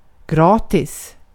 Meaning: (adverb) free, without charge
- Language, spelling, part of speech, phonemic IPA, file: Swedish, gratis, adverb / adjective, /ˈɡrɑːtiːs/, Sv-gratis.ogg